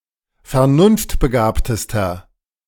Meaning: inflection of vernunftbegabt: 1. strong/mixed nominative masculine singular superlative degree 2. strong genitive/dative feminine singular superlative degree
- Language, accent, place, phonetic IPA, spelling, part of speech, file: German, Germany, Berlin, [fɛɐ̯ˈnʊnftbəˌɡaːptəstɐ], vernunftbegabtester, adjective, De-vernunftbegabtester.ogg